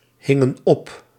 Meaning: inflection of ophangen: 1. plural past indicative 2. plural past subjunctive
- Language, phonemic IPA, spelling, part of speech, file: Dutch, /ˈhɪŋə(n) ˈɔp/, hingen op, verb, Nl-hingen op.ogg